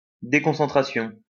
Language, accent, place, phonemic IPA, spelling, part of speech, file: French, France, Lyon, /de.kɔ̃.sɑ̃.tʁa.sjɔ̃/, déconcentration, noun, LL-Q150 (fra)-déconcentration.wav
- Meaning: 1. deconcentration 2. decentralization, devolution 3. loss of concentration